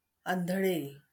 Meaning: blind
- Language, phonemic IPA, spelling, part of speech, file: Marathi, /an.d̪ʱə.ɭ̆e/, आंधळे, adjective, LL-Q1571 (mar)-आंधळे.wav